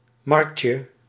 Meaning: diminutive of markt
- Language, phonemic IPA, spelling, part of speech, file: Dutch, /ˈmɑrᵊkjə/, marktje, noun, Nl-marktje.ogg